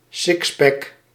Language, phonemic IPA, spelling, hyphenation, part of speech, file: Dutch, /ˈsɪks.pɛk/, sixpack, six‧pack, noun, Nl-sixpack.ogg
- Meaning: 1. a six pack (set of six cans or bottles) 2. a six pack (pronounced abdominal muscles)